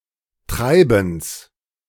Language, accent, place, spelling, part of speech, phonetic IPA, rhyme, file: German, Germany, Berlin, Treibens, noun, [ˈtʁaɪ̯bn̩s], -aɪ̯bn̩s, De-Treibens.ogg
- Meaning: genitive of Treiben